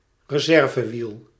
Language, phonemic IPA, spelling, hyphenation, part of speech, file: Dutch, /rəˈzɛr.vəˌʋil/, reservewiel, re‧ser‧ve‧wiel, noun, Nl-reservewiel.ogg
- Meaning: spare wheel, spare tyre